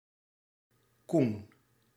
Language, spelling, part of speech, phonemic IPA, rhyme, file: Dutch, koen, adjective, /kun/, -un, Nl-koen.ogg
- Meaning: courageous